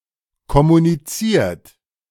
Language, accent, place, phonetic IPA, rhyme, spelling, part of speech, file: German, Germany, Berlin, [kɔmuniˈt͡siːɐ̯t], -iːɐ̯t, kommuniziert, verb, De-kommuniziert.ogg
- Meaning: 1. past participle of kommunizieren 2. inflection of kommunizieren: third-person singular present 3. inflection of kommunizieren: second-person plural present